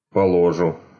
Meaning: first-person singular future indicative perfective of положи́ть (položítʹ)
- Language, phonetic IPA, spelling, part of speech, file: Russian, [pəɫɐˈʐu], положу, verb, Ru-поло́жу.ogg